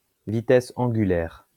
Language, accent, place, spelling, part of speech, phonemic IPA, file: French, France, Lyon, vitesse angulaire, noun, /vi.tɛs ɑ̃.ɡy.lɛʁ/, LL-Q150 (fra)-vitesse angulaire.wav
- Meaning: angular velocity